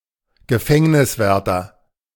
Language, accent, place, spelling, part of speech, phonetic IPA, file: German, Germany, Berlin, Gefängniswärter, noun, [ɡəˈfɛŋnɪsˌvɛʁtɐ], De-Gefängniswärter.ogg
- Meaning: prison officer, prison guard, prison warder (warder), turnkey (male or of unspecified gender)